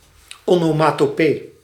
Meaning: onomatopoeia, a word which imitates a sound
- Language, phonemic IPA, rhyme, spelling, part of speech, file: Dutch, /ɔnoːmɑtoːˈpeː/, -eː, onomatopee, noun, Nl-onomatopee.ogg